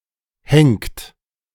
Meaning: inflection of henken: 1. second-person plural present 2. third-person singular present 3. plural imperative
- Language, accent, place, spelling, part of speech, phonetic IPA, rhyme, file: German, Germany, Berlin, henkt, verb, [hɛŋkt], -ɛŋkt, De-henkt.ogg